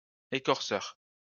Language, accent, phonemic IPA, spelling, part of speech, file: French, France, /e.kɔʁ.sœʁ/, écorceur, noun, LL-Q150 (fra)-écorceur.wav
- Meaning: debarker